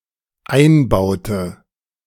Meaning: inflection of einbauen: 1. first/third-person singular dependent preterite 2. first/third-person singular dependent subjunctive II
- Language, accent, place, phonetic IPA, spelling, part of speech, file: German, Germany, Berlin, [ˈaɪ̯nˌbaʊ̯tə], einbaute, verb, De-einbaute.ogg